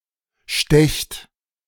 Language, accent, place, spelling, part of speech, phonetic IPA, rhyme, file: German, Germany, Berlin, stecht, verb, [ʃtɛçt], -ɛçt, De-stecht.ogg
- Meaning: inflection of stechen: 1. second-person plural present 2. plural imperative